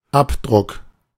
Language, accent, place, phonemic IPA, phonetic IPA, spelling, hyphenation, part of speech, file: German, Germany, Berlin, /ˈapdʁʊk/, [ˈʔapdʁʊkʰ], Abdruck, Ab‧druck, noun, De-Abdruck.ogg
- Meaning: imprint, impression (the mark left behind by pressing on or printing something); print (of e.g. a finger)